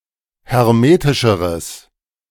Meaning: strong/mixed nominative/accusative neuter singular comparative degree of hermetisch
- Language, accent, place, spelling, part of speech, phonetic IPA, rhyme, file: German, Germany, Berlin, hermetischeres, adjective, [hɛʁˈmeːtɪʃəʁəs], -eːtɪʃəʁəs, De-hermetischeres.ogg